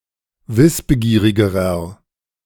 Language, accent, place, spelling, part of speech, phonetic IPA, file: German, Germany, Berlin, wissbegierigerer, adjective, [ˈvɪsbəˌɡiːʁɪɡəʁɐ], De-wissbegierigerer.ogg
- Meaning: inflection of wissbegierig: 1. strong/mixed nominative masculine singular comparative degree 2. strong genitive/dative feminine singular comparative degree 3. strong genitive plural comparative degree